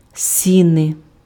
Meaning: vestibule, entrance hall
- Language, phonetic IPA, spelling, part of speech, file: Ukrainian, [ˈsʲine], сіни, noun, Uk-сіни.ogg